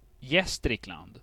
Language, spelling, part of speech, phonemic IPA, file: Swedish, Gästrikland, proper noun, /ˈjɛstrɪkˌland/, Sv-Gästrikland.ogg
- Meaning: a province of Gävleborg County, in central Sweden